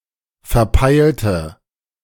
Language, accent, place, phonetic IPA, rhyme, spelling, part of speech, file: German, Germany, Berlin, [fɛɐ̯ˈpaɪ̯ltə], -aɪ̯ltə, verpeilte, verb / adjective, De-verpeilte.ogg
- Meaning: inflection of verpeilt: 1. strong/mixed nominative/accusative feminine singular 2. strong nominative/accusative plural 3. weak nominative all-gender singular